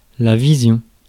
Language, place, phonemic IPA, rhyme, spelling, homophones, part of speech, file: French, Paris, /vi.zjɔ̃/, -ɔ̃, vision, visions, noun, Fr-vision.ogg
- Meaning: vision, sight